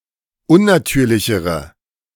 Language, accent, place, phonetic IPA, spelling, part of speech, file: German, Germany, Berlin, [ˈʊnnaˌtyːɐ̯lɪçəʁə], unnatürlichere, adjective, De-unnatürlichere.ogg
- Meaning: inflection of unnatürlich: 1. strong/mixed nominative/accusative feminine singular comparative degree 2. strong nominative/accusative plural comparative degree